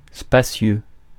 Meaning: spacious
- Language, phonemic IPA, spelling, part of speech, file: French, /spa.sjø/, spacieux, adjective, Fr-spacieux.ogg